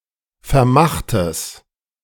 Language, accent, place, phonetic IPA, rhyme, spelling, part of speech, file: German, Germany, Berlin, [fɛɐ̯ˈmaxtəs], -axtəs, vermachtes, adjective, De-vermachtes.ogg
- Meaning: strong/mixed nominative/accusative neuter singular of vermacht